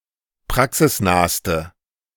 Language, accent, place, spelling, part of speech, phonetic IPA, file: German, Germany, Berlin, praxisnahste, adjective, [ˈpʁaksɪsˌnaːstə], De-praxisnahste.ogg
- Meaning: inflection of praxisnah: 1. strong/mixed nominative/accusative feminine singular superlative degree 2. strong nominative/accusative plural superlative degree